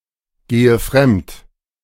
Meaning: inflection of fremdgehen: 1. first-person singular present 2. first/third-person singular subjunctive I 3. singular imperative
- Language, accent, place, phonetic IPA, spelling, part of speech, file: German, Germany, Berlin, [ˌɡeːə ˈfʁɛmt], gehe fremd, verb, De-gehe fremd.ogg